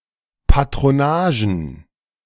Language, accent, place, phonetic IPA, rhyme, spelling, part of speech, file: German, Germany, Berlin, [patʁoˈnaːʒn̩], -aːʒn̩, Patronagen, noun, De-Patronagen.ogg
- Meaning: plural of Patronage